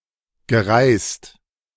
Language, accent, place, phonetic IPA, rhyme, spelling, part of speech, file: German, Germany, Berlin, [ɡəˈʁaɪ̯st], -aɪ̯st, gereist, verb, De-gereist.ogg
- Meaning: past participle of reisen